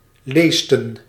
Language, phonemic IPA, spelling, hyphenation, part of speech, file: Dutch, /ˈleːs.tə(n)/, leesten, lees‧ten, verb, Nl-leesten.ogg
- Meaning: to perform